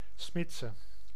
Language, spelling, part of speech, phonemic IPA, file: Dutch, smidse, noun, /ˈsmɪtsə/, Nl-smidse.ogg
- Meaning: forge, smithy (workshop of a smith)